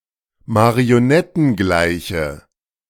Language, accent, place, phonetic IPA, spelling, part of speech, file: German, Germany, Berlin, [maʁioˈnɛtn̩ˌɡlaɪ̯çə], marionettengleiche, adjective, De-marionettengleiche.ogg
- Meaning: inflection of marionettengleich: 1. strong/mixed nominative/accusative feminine singular 2. strong nominative/accusative plural 3. weak nominative all-gender singular